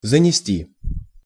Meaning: 1. to bring, to carry (in) 2. to note down, to enter (data, records) 3. to skid 4. to become covered (with) (e.g. snow, dust, etc.) 5. to get carried away (say something excessive in excitement)
- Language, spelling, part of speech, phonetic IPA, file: Russian, занести, verb, [zənʲɪˈsʲtʲi], Ru-занести.ogg